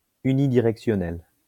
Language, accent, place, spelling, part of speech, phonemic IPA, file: French, France, Lyon, unidirectionnel, adjective, /y.ni.di.ʁɛk.sjɔ.nɛl/, LL-Q150 (fra)-unidirectionnel.wav
- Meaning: unidirectional